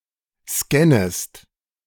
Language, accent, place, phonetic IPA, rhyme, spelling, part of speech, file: German, Germany, Berlin, [ˈskɛnəst], -ɛnəst, scannest, verb, De-scannest.ogg
- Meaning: second-person singular subjunctive I of scannen